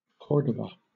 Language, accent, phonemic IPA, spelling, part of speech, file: English, Southern England, /ˈkɔː(ɹ)dəbə/, córdoba, noun, LL-Q1860 (eng)-córdoba.wav
- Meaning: The currency of Nicaragua, divided into 100 centavos